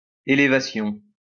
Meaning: elevation (height above something)
- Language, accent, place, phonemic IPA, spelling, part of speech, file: French, France, Lyon, /e.le.va.sjɔ̃/, élévation, noun, LL-Q150 (fra)-élévation.wav